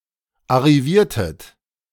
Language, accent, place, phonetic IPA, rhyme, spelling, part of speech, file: German, Germany, Berlin, [aʁiˈviːɐ̯tət], -iːɐ̯tət, arriviertet, verb, De-arriviertet.ogg
- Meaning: inflection of arrivieren: 1. second-person plural preterite 2. second-person plural subjunctive II